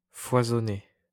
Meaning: past participle of foisonner
- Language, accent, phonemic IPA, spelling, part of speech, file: French, France, /fwa.zɔ.ne/, foisonné, verb, LL-Q150 (fra)-foisonné.wav